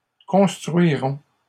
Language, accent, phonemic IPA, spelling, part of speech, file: French, Canada, /kɔ̃s.tʁɥi.ʁɔ̃/, construirons, verb, LL-Q150 (fra)-construirons.wav
- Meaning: first-person plural future of construire